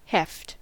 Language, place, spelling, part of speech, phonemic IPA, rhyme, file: English, California, heft, noun / verb, /hɛft/, -ɛft, En-us-heft.ogg
- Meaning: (noun) 1. The feel of the weight of something; heaviness 2. The force exerted by an object due to gravitation; weight 3. Graveness, seriousness; gravity 4. Importance, influence; weight